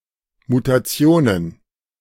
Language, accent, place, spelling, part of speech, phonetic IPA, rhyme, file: German, Germany, Berlin, Mutationen, noun, [mutaˈt͡si̯oːnən], -oːnən, De-Mutationen.ogg
- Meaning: plural of Mutation